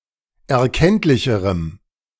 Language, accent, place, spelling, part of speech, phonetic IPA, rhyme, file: German, Germany, Berlin, erkenntlicherem, adjective, [ɛɐ̯ˈkɛntlɪçəʁəm], -ɛntlɪçəʁəm, De-erkenntlicherem.ogg
- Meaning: strong dative masculine/neuter singular comparative degree of erkenntlich